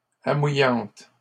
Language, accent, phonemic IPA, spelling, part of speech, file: French, Canada, /a.mu.jɑ̃t/, amouillante, adjective, LL-Q150 (fra)-amouillante.wav
- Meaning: about to calve